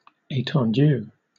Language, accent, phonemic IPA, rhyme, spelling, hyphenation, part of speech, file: English, Southern England, /ˌeɪ.tɒnˈd(j)uː/, -uː, etendue, eten‧due, noun, LL-Q1860 (eng)-etendue.wav